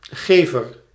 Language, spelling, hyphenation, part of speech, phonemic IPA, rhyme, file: Dutch, gever, ge‧ver, noun, /ˈɣeː.vər/, -eːvər, Nl-gever.ogg
- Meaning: 1. giver, someone who gives 2. a word in the dative case